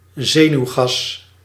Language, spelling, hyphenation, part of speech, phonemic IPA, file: Dutch, zenuwgas, ze‧nuw‧gas, noun, /ˈzeː.nyu̯ˌɣɑs/, Nl-zenuwgas.ogg
- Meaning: a nerve gas